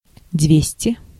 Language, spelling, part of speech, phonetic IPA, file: Russian, двести, numeral, [ˈdvʲesʲtʲɪ], Ru-двести.ogg
- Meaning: two hundred (200)